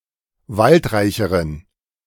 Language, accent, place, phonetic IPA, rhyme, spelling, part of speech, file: German, Germany, Berlin, [ˈvaltˌʁaɪ̯çəʁən], -altʁaɪ̯çəʁən, waldreicheren, adjective, De-waldreicheren.ogg
- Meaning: inflection of waldreich: 1. strong genitive masculine/neuter singular comparative degree 2. weak/mixed genitive/dative all-gender singular comparative degree